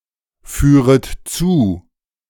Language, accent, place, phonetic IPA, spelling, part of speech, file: German, Germany, Berlin, [ˌfyːʁət ˈt͡suː], führet zu, verb, De-führet zu.ogg
- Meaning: second-person plural subjunctive I of zuführen